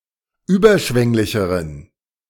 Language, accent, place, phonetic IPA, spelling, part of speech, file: German, Germany, Berlin, [ˈyːbɐˌʃvɛŋlɪçəʁən], überschwänglicheren, adjective, De-überschwänglicheren.ogg
- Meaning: inflection of überschwänglich: 1. strong genitive masculine/neuter singular comparative degree 2. weak/mixed genitive/dative all-gender singular comparative degree